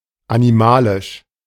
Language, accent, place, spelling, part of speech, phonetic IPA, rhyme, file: German, Germany, Berlin, animalisch, adjective, [aniˈmaːlɪʃ], -aːlɪʃ, De-animalisch.ogg
- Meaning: animal, brute